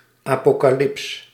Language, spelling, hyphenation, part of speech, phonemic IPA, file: Dutch, Apocalyps, Apo‧ca‧lyps, proper noun, /ˌaː.poː.kaːˈlɪps/, Nl-Apocalyps.ogg
- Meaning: Apocalypse, the Book of Revelations